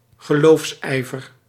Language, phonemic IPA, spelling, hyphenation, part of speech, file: Dutch, /ɣəˈloːfsˌɛi̯.vər/, geloofsijver, ge‧loofs‧ij‧ver, noun, Nl-geloofsijver.ogg
- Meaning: religious zeal